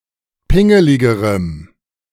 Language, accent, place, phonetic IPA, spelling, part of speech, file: German, Germany, Berlin, [ˈpɪŋəlɪɡəʁəm], pingeligerem, adjective, De-pingeligerem.ogg
- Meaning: strong dative masculine/neuter singular comparative degree of pingelig